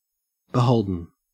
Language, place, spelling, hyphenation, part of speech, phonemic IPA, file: English, Queensland, beholden, be‧hol‧den, adjective, /bɪˈhəʉldən/, En-au-beholden.ogg
- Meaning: Obligated to provide, display, or do something for another; indebted, obliged for a bounden duty